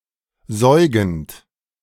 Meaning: present participle of säugen
- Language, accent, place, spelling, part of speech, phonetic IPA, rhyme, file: German, Germany, Berlin, säugend, verb, [ˈzɔɪ̯ɡn̩t], -ɔɪ̯ɡn̩t, De-säugend.ogg